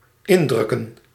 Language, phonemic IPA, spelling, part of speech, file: Dutch, /ˈɪndrʏkə(n)/, indrukken, verb / noun, Nl-indrukken.ogg
- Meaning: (verb) to press, to press down on; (noun) plural of indruk